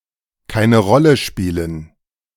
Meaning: to not matter, to not be important
- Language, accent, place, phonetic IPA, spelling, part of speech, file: German, Germany, Berlin, [ˈkaɪ̯nə ˈʁɔlə ˈʃpiːlən], keine Rolle spielen, verb, De-keine Rolle spielen.ogg